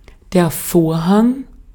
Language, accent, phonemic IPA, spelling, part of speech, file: German, Austria, /ˈfoːɐ̯ˌhaŋ/, Vorhang, noun, De-at-Vorhang.ogg
- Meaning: 1. curtain 2. draperies 3. drop